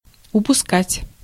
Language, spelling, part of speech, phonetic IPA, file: Russian, упускать, verb, [ʊpʊˈskatʲ], Ru-упускать.ogg
- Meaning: 1. to let go, to let slip 2. to miss, to lose 3. to overlook